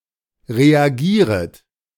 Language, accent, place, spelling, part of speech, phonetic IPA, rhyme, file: German, Germany, Berlin, reagieret, verb, [ʁeaˈɡiːʁət], -iːʁət, De-reagieret.ogg
- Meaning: second-person plural subjunctive I of reagieren